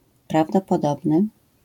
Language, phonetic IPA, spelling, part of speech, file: Polish, [ˌpravdɔpɔˈdɔbnɨ], prawdopodobny, adjective, LL-Q809 (pol)-prawdopodobny.wav